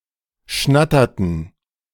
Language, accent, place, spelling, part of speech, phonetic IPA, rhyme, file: German, Germany, Berlin, schnatterten, verb, [ˈʃnatɐtn̩], -atɐtn̩, De-schnatterten.ogg
- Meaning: inflection of schnattern: 1. first/third-person plural preterite 2. first/third-person plural subjunctive II